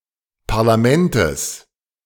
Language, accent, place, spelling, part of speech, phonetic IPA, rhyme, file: German, Germany, Berlin, Parlamentes, noun, [paʁlaˈmɛntəs], -ɛntəs, De-Parlamentes.ogg
- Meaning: genitive singular of Parlament